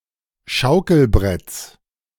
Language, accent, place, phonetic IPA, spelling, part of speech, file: German, Germany, Berlin, [ˈʃaʊ̯kl̩ˌbʁɛt͡s], Schaukelbretts, noun, De-Schaukelbretts.ogg
- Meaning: genitive of Schaukelbrett